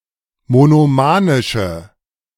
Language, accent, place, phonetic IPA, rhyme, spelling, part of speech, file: German, Germany, Berlin, [monoˈmaːnɪʃə], -aːnɪʃə, monomanische, adjective, De-monomanische.ogg
- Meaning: inflection of monomanisch: 1. strong/mixed nominative/accusative feminine singular 2. strong nominative/accusative plural 3. weak nominative all-gender singular